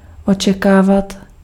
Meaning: to expect
- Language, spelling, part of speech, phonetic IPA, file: Czech, očekávat, verb, [ˈot͡ʃɛkaːvat], Cs-očekávat.ogg